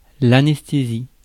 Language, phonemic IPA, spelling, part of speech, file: French, /a.nɛs.te.zi/, anesthésie, noun / verb, Fr-anesthésie.ogg
- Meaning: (noun) anesthesia; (verb) inflection of anesthésier: 1. first/third-person singular present indicative/subjunctive 2. second-person singular imperative